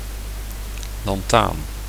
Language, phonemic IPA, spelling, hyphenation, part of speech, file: Dutch, /lɑnˈtan/, lanthaan, lan‧thaan, noun, Nl-lanthaan.ogg
- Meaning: lanthanum